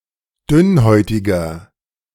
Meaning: 1. comparative degree of dünnhäutig 2. inflection of dünnhäutig: strong/mixed nominative masculine singular 3. inflection of dünnhäutig: strong genitive/dative feminine singular
- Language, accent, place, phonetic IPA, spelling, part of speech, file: German, Germany, Berlin, [ˈdʏnˌhɔɪ̯tɪɡɐ], dünnhäutiger, adjective, De-dünnhäutiger.ogg